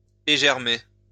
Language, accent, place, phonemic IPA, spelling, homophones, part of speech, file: French, France, Lyon, /e.ʒɛʁ.me/, égermer, égermai / égermé / égermée / égermées / égermés / égermez, verb, LL-Q150 (fra)-égermer.wav
- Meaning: to deseed (remove seed from)